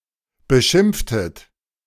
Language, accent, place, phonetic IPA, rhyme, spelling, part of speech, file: German, Germany, Berlin, [bəˈʃɪmp͡ftət], -ɪmp͡ftət, beschimpftet, verb, De-beschimpftet.ogg
- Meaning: inflection of beschimpfen: 1. second-person plural preterite 2. second-person plural subjunctive II